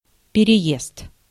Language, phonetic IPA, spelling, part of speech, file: Russian, [pʲɪrʲɪˈjest], переезд, noun, Ru-переезд.ogg
- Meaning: 1. journey, passage, crossing 2. crossing, highway crossing, crossroads 3. resettlement, removal, moving, leaving (for)